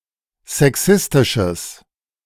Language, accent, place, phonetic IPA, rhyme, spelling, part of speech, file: German, Germany, Berlin, [zɛˈksɪstɪʃəs], -ɪstɪʃəs, sexistisches, adjective, De-sexistisches.ogg
- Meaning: strong/mixed nominative/accusative neuter singular of sexistisch